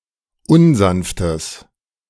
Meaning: strong/mixed nominative/accusative neuter singular of unsanft
- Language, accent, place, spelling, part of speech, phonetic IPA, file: German, Germany, Berlin, unsanftes, adjective, [ˈʊnˌzanftəs], De-unsanftes.ogg